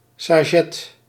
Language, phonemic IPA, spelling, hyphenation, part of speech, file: Dutch, /sɑ.ʃɛ/, sachet, sa‧chet, noun, Nl-sachet.ogg
- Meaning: sachet